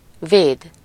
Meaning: 1. to protect, guard 2. to shelter 3. to defend 4. to keep goal, save
- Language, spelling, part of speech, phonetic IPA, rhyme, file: Hungarian, véd, verb, [ˈveːd], -eːd, Hu-véd.ogg